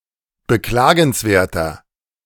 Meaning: 1. comparative degree of beklagenswert 2. inflection of beklagenswert: strong/mixed nominative masculine singular 3. inflection of beklagenswert: strong genitive/dative feminine singular
- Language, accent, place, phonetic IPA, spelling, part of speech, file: German, Germany, Berlin, [bəˈklaːɡn̩sˌveːɐ̯tɐ], beklagenswerter, adjective, De-beklagenswerter.ogg